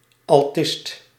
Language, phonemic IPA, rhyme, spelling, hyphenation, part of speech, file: Dutch, /ɑlˈtɪst/, -ɪst, altist, al‧tist, noun, Nl-altist.ogg
- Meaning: altoist